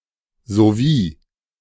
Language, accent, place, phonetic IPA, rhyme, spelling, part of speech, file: German, Germany, Berlin, [zoˈviː], -iː, sowie, conjunction, De-sowie.ogg
- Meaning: 1. as well as 2. as soon as